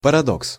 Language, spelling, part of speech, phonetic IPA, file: Russian, парадокс, noun, [pərɐˈdoks], Ru-парадокс.ogg
- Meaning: paradox